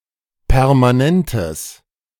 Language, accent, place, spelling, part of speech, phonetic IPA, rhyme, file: German, Germany, Berlin, permanentes, adjective, [pɛʁmaˈnɛntəs], -ɛntəs, De-permanentes.ogg
- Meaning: strong/mixed nominative/accusative neuter singular of permanent